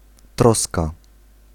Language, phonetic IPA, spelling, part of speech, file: Polish, [ˈtrɔska], troska, noun, Pl-troska.ogg